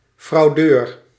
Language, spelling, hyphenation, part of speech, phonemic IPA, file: Dutch, fraudeur, frau‧deur, noun, /ˈfrɑu̯.døːr/, Nl-fraudeur.ogg
- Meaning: fraudster (a person who practices fraud)